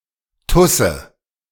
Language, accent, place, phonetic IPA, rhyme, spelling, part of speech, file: German, Germany, Berlin, [ˈtʊsə], -ʊsə, Tusse, noun, De-Tusse.ogg
- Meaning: 1. alternative form of Tussi (“bimbo”) 2. alternative form of Tuse (“girl, broad”)